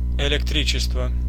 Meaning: 1. electricity (form of energy) 2. (electric) light, lighting
- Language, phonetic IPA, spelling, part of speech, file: Russian, [ɪlʲɪkˈtrʲit͡ɕɪstvə], электричество, noun, Ru-электричество.ogg